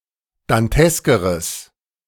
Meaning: strong/mixed nominative/accusative neuter singular comparative degree of dantesk
- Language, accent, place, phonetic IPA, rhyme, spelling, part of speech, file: German, Germany, Berlin, [danˈtɛskəʁəs], -ɛskəʁəs, danteskeres, adjective, De-danteskeres.ogg